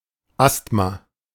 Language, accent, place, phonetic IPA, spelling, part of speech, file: German, Germany, Berlin, [ˈast.ma], Asthma, noun, De-Asthma.ogg
- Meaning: asthma